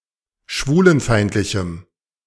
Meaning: strong dative masculine/neuter singular of schwulenfeindlich
- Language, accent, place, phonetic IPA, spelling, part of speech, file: German, Germany, Berlin, [ˈʃvuːlənˌfaɪ̯ntlɪçm̩], schwulenfeindlichem, adjective, De-schwulenfeindlichem.ogg